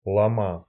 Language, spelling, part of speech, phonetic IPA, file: Russian, лома, noun, [ˈɫomə], Ru-лома́.ogg
- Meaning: genitive singular of лом (lom)